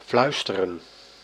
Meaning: to whisper
- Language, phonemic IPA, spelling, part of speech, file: Dutch, /ˈflœy̯stərə(n)/, fluisteren, verb, Nl-fluisteren.ogg